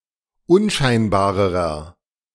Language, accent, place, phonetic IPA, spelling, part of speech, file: German, Germany, Berlin, [ˈʊnˌʃaɪ̯nbaːʁəʁɐ], unscheinbarerer, adjective, De-unscheinbarerer.ogg
- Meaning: inflection of unscheinbar: 1. strong/mixed nominative masculine singular comparative degree 2. strong genitive/dative feminine singular comparative degree 3. strong genitive plural comparative degree